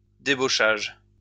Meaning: 1. poaching 2. laying off (of staff)
- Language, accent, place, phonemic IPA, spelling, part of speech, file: French, France, Lyon, /de.bo.ʃaʒ/, débauchage, noun, LL-Q150 (fra)-débauchage.wav